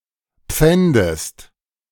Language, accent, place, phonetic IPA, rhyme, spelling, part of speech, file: German, Germany, Berlin, [ˈp͡fɛndəst], -ɛndəst, pfändest, verb, De-pfändest.ogg
- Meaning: inflection of pfänden: 1. second-person singular present 2. second-person singular subjunctive I